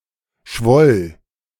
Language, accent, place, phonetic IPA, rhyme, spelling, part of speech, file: German, Germany, Berlin, [ʃvɔl], -ɔl, schwoll, verb, De-schwoll.ogg
- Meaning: first/third-person singular preterite of schwellen